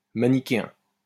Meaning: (noun) Manichaean; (adjective) simplistic, black and white, binary, Manichaean
- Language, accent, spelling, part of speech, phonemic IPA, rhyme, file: French, France, manichéen, noun / adjective, /ma.ni.ke.ɛ̃/, -ɛ̃, LL-Q150 (fra)-manichéen.wav